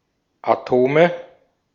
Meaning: nominative/accusative/genitive plural of Atom
- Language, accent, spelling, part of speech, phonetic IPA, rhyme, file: German, Austria, Atome, noun, [aˈtoːmə], -oːmə, De-at-Atome.ogg